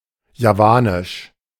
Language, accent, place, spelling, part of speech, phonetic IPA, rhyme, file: German, Germany, Berlin, javanisch, adjective, [jaˈvaːnɪʃ], -aːnɪʃ, De-javanisch.ogg
- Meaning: Javanese (related to the island of Java, its people or its language)